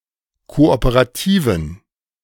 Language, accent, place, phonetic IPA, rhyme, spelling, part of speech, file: German, Germany, Berlin, [ˌkoʔopəʁaˈtiːvn̩], -iːvn̩, kooperativen, adjective, De-kooperativen.ogg
- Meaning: inflection of kooperativ: 1. strong genitive masculine/neuter singular 2. weak/mixed genitive/dative all-gender singular 3. strong/weak/mixed accusative masculine singular 4. strong dative plural